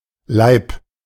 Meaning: loaf (of bread), wheel, block (of cheese)
- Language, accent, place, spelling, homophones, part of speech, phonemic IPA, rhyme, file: German, Germany, Berlin, Laib, Leib, noun, /laɪ̯p/, -aɪ̯p, De-Laib.ogg